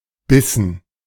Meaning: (noun) 1. morsel; mouthful; a bite of food 2. dative plural of Biss; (proper noun) a town in central Luxembourg
- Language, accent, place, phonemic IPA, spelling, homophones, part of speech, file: German, Germany, Berlin, /ˈbɪsn̩/, Bissen, bissen, noun / proper noun, De-Bissen.ogg